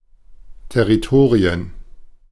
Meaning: plural of Territorium
- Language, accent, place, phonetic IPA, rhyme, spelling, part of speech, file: German, Germany, Berlin, [tɛʁiˈtoːʁiən], -oːʁiən, Territorien, noun, De-Territorien.ogg